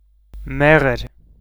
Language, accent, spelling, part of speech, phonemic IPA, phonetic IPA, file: Armenian, Eastern Armenian, մեղր, noun, /ˈmeʁəɾ/, [méʁəɾ], Hy-մեղր.ogg
- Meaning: honey